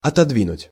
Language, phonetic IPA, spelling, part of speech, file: Russian, [ɐtɐdˈvʲinʊtʲ], отодвинуть, verb, Ru-отодвинуть.ogg
- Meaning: 1. to move aside, to shift away 2. to postpone